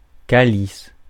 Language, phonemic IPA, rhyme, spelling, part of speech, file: French, /ka.lis/, -is, calice, noun / interjection, Fr-calice.ogg
- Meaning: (noun) chalice; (interjection) alternative form of câlisse